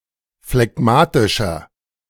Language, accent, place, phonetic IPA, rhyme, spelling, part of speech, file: German, Germany, Berlin, [flɛˈɡmaːtɪʃɐ], -aːtɪʃɐ, phlegmatischer, adjective, De-phlegmatischer.ogg
- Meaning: 1. comparative degree of phlegmatisch 2. inflection of phlegmatisch: strong/mixed nominative masculine singular 3. inflection of phlegmatisch: strong genitive/dative feminine singular